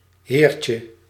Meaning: 1. diminutive of heer 2. diminutive of here
- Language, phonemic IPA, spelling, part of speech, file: Dutch, /ˈhercə/, heertje, noun, Nl-heertje.ogg